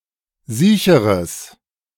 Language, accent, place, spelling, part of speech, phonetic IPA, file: German, Germany, Berlin, siecheres, adjective, [ˈziːçəʁəs], De-siecheres.ogg
- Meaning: strong/mixed nominative/accusative neuter singular comparative degree of siech